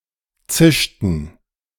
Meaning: inflection of zischen: 1. first/third-person plural preterite 2. first/third-person plural subjunctive II
- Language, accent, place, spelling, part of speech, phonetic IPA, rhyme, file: German, Germany, Berlin, zischten, verb, [ˈt͡sɪʃtn̩], -ɪʃtn̩, De-zischten.ogg